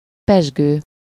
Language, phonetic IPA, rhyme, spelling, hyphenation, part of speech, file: Hungarian, [ˈpɛʒɡøː], -ɡøː, pezsgő, pezs‧gő, verb / adjective / noun, Hu-pezsgő.ogg
- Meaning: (verb) present participle of pezseg; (adjective) bubbling, sparkling; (noun) sparkling wine